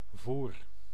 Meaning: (noun) 1. fodder, grub, animal food, feed, (for humans) inferior food 2. bait 3. load 4. a wine measure, about a barrel 5. act(ion), deed; business 6. conduct 7. attitude 8. agitation; mischief
- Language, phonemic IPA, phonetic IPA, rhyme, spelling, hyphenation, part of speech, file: Dutch, /vur/, [vuːr], -ur, voer, voer, noun / verb, Nl-voer.ogg